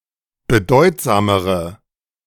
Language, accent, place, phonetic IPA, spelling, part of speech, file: German, Germany, Berlin, [bəˈdɔɪ̯tzaːməʁə], bedeutsamere, adjective, De-bedeutsamere.ogg
- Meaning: inflection of bedeutsam: 1. strong/mixed nominative/accusative feminine singular comparative degree 2. strong nominative/accusative plural comparative degree